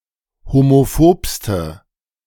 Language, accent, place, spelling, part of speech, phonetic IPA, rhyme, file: German, Germany, Berlin, homophobste, adjective, [homoˈfoːpstə], -oːpstə, De-homophobste.ogg
- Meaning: inflection of homophob: 1. strong/mixed nominative/accusative feminine singular superlative degree 2. strong nominative/accusative plural superlative degree